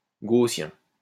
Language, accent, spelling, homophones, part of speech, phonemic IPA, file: French, France, gaussien, gaussiens, adjective, /ɡo.sjɛ̃/, LL-Q150 (fra)-gaussien.wav
- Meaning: Gaussian